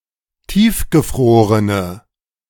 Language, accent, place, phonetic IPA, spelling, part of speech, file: German, Germany, Berlin, [ˈtiːfɡəˌfʁoːʁənə], tiefgefrorene, adjective, De-tiefgefrorene.ogg
- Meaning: inflection of tiefgefroren: 1. strong/mixed nominative/accusative feminine singular 2. strong nominative/accusative plural 3. weak nominative all-gender singular